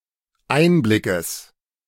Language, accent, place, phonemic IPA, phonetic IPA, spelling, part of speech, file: German, Germany, Berlin, /ˈʔaɪ̯nblɪkəs/, [ˈʔaɪ̯nblɪkʰəs], Einblickes, noun, De-Einblickes.ogg
- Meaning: genitive singular of Einblick